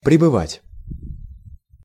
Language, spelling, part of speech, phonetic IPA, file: Russian, пребывать, verb, [prʲɪbɨˈvatʲ], Ru-пребывать.ogg
- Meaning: 1. to be (at some place), to stay, to remain 2. to be (in some state or condition), to stay, to remain